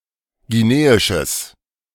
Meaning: strong/mixed nominative/accusative neuter singular of guineisch
- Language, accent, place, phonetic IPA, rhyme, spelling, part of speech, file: German, Germany, Berlin, [ɡiˈneːɪʃəs], -eːɪʃəs, guineisches, adjective, De-guineisches.ogg